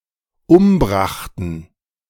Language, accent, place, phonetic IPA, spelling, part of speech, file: German, Germany, Berlin, [ˈʊmˌbʁaxtn̩], umbrachten, verb, De-umbrachten.ogg
- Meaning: first/third-person plural dependent preterite of umbringen